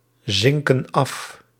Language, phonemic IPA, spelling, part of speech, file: Dutch, /ˈzɪŋkə(n) ˈɑf/, zinken af, verb, Nl-zinken af.ogg
- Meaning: inflection of afzinken: 1. plural present indicative 2. plural present subjunctive